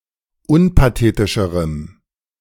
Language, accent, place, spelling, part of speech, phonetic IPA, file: German, Germany, Berlin, unpathetischerem, adjective, [ˈʊnpaˌteːtɪʃəʁəm], De-unpathetischerem.ogg
- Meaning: strong dative masculine/neuter singular comparative degree of unpathetisch